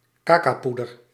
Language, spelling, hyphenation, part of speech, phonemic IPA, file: Dutch, cacaopoeder, ca‧cao‧poe‧der, noun, /kɑˈkɑu̯ˌpu.dər/, Nl-cacaopoeder.ogg
- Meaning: cocoa solids